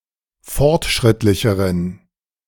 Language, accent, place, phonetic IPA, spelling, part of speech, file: German, Germany, Berlin, [ˈfɔʁtˌʃʁɪtlɪçəʁən], fortschrittlicheren, adjective, De-fortschrittlicheren.ogg
- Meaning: inflection of fortschrittlich: 1. strong genitive masculine/neuter singular comparative degree 2. weak/mixed genitive/dative all-gender singular comparative degree